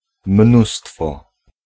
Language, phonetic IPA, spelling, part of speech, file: Polish, [ˈmnustfɔ], mnóstwo, noun, Pl-mnóstwo.ogg